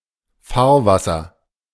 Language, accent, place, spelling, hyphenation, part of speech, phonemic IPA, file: German, Germany, Berlin, Fahrwasser, Fahr‧was‧ser, noun, /ˈfaːɐ̯ˌvasɐ/, De-Fahrwasser.ogg
- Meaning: 1. waterway 2. wake